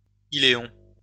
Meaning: ileum
- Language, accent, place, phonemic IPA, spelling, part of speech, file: French, France, Lyon, /i.le.ɔ̃/, iléon, noun, LL-Q150 (fra)-iléon.wav